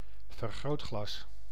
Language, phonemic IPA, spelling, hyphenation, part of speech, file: Dutch, /vərˈɣroːtˌxlɑs/, vergrootglas, ver‧groot‧glas, noun, Nl-vergrootglas.ogg
- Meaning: magnifying glass